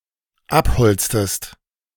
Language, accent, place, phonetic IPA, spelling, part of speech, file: German, Germany, Berlin, [ˈapˌhɔlt͡stəst], abholztest, verb, De-abholztest.ogg
- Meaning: inflection of abholzen: 1. second-person singular dependent preterite 2. second-person singular dependent subjunctive II